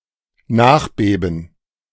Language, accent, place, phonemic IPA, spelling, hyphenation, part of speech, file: German, Germany, Berlin, /ˈnaːχˌbeːbn̩/, Nachbeben, Nach‧be‧ben, noun, De-Nachbeben.ogg
- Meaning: aftershock